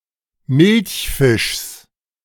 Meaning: genitive of Milchfisch
- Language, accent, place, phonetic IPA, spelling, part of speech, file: German, Germany, Berlin, [ˈmɪlçˌfɪʃs], Milchfischs, noun, De-Milchfischs.ogg